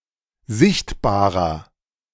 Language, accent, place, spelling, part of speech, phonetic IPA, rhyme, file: German, Germany, Berlin, sichtbarer, adjective, [ˈzɪçtbaːʁɐ], -ɪçtbaːʁɐ, De-sichtbarer.ogg
- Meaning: inflection of sichtbar: 1. strong/mixed nominative masculine singular 2. strong genitive/dative feminine singular 3. strong genitive plural